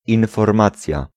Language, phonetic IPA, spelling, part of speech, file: Polish, [ˌĩnfɔrˈmat͡sʲja], informacja, noun, Pl-informacja.ogg